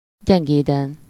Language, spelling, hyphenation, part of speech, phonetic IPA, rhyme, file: Hungarian, gyengéden, gyen‧gé‧den, adverb / adjective, [ˈɟɛŋɡeːdɛn], -ɛn, Hu-gyengéden.ogg
- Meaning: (adverb) gently, tenderly, kindly, fondly; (adjective) superessive singular of gyengéd